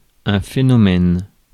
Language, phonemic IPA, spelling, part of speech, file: French, /fe.nɔ.mɛn/, phénomène, noun, Fr-phénomène.ogg
- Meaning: 1. phenomenon 2. one of a kind